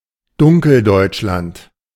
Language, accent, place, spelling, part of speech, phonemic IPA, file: German, Germany, Berlin, Dunkeldeutschland, proper noun, /ˈdʊŋkl̩ˌdɔɪ̯t͡ʃlant/, De-Dunkeldeutschland.ogg
- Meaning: East Germany, seen as a backwater